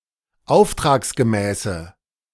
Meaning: inflection of auftragsgemäß: 1. strong/mixed nominative/accusative feminine singular 2. strong nominative/accusative plural 3. weak nominative all-gender singular
- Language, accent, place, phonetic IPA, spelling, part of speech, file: German, Germany, Berlin, [ˈaʊ̯ftʁaːksɡəˌmɛːsə], auftragsgemäße, adjective, De-auftragsgemäße.ogg